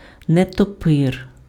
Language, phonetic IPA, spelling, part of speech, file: Ukrainian, [netɔˈpɪr], нетопир, noun, Uk-нетопир.ogg
- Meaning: bat (animal)